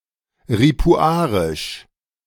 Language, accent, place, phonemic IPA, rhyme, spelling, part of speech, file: German, Germany, Berlin, /ʁipuˈaːʁɪʃ/, -aːʁɪʃ, ripuarisch, adjective, De-ripuarisch.ogg
- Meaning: Ripuarian (related to the Ripuarians or their language)